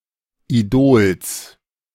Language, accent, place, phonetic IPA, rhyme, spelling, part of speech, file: German, Germany, Berlin, [iˈdoːls], -oːls, Idols, noun, De-Idols.ogg
- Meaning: genitive singular of Idol